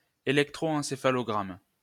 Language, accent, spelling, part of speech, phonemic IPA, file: French, France, électroencéphalogramme, noun, /e.lɛk.tʁo.ɑ̃.se.fa.lɔ.ɡʁam/, LL-Q150 (fra)-électroencéphalogramme.wav
- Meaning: electroencephalogram (a recording of electrical brain activity made by an electroencephalograph)